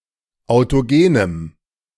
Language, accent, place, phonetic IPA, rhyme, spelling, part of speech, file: German, Germany, Berlin, [aʊ̯toˈɡeːnəm], -eːnəm, autogenem, adjective, De-autogenem.ogg
- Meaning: strong dative masculine/neuter singular of autogen